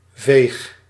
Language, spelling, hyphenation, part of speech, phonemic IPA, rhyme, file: Dutch, veeg, veeg, noun / adjective / verb, /veːx/, -eːx, Nl-veeg.ogg
- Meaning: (noun) a swipe, vivid movement; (adjective) 1. doomed to die 2. near death 3. doomed; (verb) inflection of vegen: first-person singular present indicative